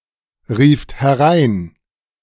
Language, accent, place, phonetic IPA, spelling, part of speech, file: German, Germany, Berlin, [ˌʁiːft hɛˈʁaɪ̯n], rieft herein, verb, De-rieft herein.ogg
- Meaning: second-person plural preterite of hereinrufen